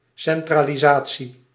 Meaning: centralization (US), centralisation (UK)
- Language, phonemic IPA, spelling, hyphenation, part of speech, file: Dutch, /ˌsɛn.traː.liˈzaː.(t)si/, centralisatie, cen‧tra‧li‧sa‧tie, noun, Nl-centralisatie.ogg